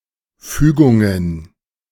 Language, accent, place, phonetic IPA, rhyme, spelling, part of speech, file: German, Germany, Berlin, [ˈfyːɡʊŋən], -yːɡʊŋən, Fügungen, noun, De-Fügungen.ogg
- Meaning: plural of Fügung